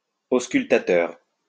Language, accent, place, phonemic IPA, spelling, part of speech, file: French, France, Lyon, /os.kyl.ta.tœʁ/, auscultateur, adjective, LL-Q150 (fra)-auscultateur.wav
- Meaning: auscultatory